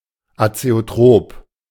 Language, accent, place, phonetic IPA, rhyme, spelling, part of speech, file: German, Germany, Berlin, [at͡seoˈtʁoːp], -oːp, azeotrop, adjective, De-azeotrop.ogg
- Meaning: azeotropic